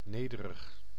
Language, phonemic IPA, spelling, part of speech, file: Dutch, /ˈneː.də.rəx/, nederig, adjective, Nl-nederig.ogg
- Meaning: humble, with humility